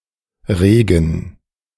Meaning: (noun) rain; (proper noun) 1. a river in Bavaria 2. a town and rural district of the Lower Bavaria region, Bavaria, Germany 3. a surname transferred from the place name
- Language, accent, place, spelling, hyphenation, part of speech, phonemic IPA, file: German, Germany, Berlin, Regen, Re‧gen, noun / proper noun, /ˈʁeːɡən/, De-Regen2.ogg